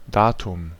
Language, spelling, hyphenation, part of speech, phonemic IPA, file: German, Datum, Da‧tum, noun, /ˈdaːtʊm/, De-Datum.ogg
- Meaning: 1. date (specific day for an event to take place) 2. datum (singular piece of information, especially numerical)